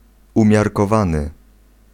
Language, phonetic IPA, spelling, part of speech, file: Polish, [ˌũmʲjarkɔˈvãnɨ], umiarkowany, adjective, Pl-umiarkowany.ogg